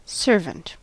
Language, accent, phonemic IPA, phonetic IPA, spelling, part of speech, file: English, US, /ˈsɝvənt/, [ˈsɝvn̩ʔ], servant, noun / verb, En-us-servant.ogg
- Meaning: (noun) 1. One who is hired to perform regular household or other duties, and receives compensation. As opposed to a slave 2. One who serves another, providing help in some manner